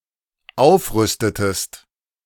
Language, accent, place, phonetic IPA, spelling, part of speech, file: German, Germany, Berlin, [ˈaʊ̯fˌʁʏstətəst], aufrüstetest, verb, De-aufrüstetest.ogg
- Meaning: inflection of aufrüsten: 1. second-person singular dependent preterite 2. second-person singular dependent subjunctive II